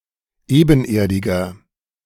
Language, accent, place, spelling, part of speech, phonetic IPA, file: German, Germany, Berlin, ebenerdiger, adjective, [ˈeːbn̩ˌʔeːɐ̯dɪɡɐ], De-ebenerdiger.ogg
- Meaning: inflection of ebenerdig: 1. strong/mixed nominative masculine singular 2. strong genitive/dative feminine singular 3. strong genitive plural